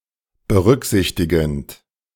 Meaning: present participle of berücksichtigen
- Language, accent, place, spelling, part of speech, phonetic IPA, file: German, Germany, Berlin, berücksichtigend, verb, [bəˈʁʏkˌzɪçtɪɡn̩t], De-berücksichtigend.ogg